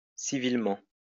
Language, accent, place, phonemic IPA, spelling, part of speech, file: French, France, Lyon, /si.vil.mɑ̃/, civilement, adverb, LL-Q150 (fra)-civilement.wav
- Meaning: civilly